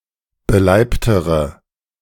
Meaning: inflection of beleibt: 1. strong/mixed nominative/accusative feminine singular comparative degree 2. strong nominative/accusative plural comparative degree
- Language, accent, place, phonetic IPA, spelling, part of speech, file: German, Germany, Berlin, [bəˈlaɪ̯ptəʁə], beleibtere, adjective, De-beleibtere.ogg